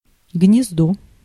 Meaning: 1. nest, aerie 2. socket, bezel 3. group of words that are related in some way
- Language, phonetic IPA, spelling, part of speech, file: Russian, [ɡnʲɪzˈdo], гнездо, noun, Ru-гнездо.ogg